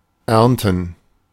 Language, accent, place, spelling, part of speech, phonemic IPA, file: German, Germany, Berlin, ernten, verb, /ˈɛrntən/, De-ernten.ogg
- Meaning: to harvest, to reap